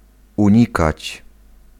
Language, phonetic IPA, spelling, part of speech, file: Polish, [ũˈɲikat͡ɕ], unikać, verb, Pl-unikać.ogg